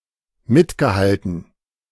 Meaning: past participle of mithalten
- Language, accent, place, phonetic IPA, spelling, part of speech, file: German, Germany, Berlin, [ˈmɪtɡəˌhaltn̩], mitgehalten, verb, De-mitgehalten.ogg